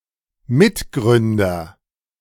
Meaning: cofounder
- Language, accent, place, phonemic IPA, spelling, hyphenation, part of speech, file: German, Germany, Berlin, /ˈmɪtˌɡʁʏndɐ/, Mitgründer, Mit‧grün‧der, noun, De-Mitgründer.ogg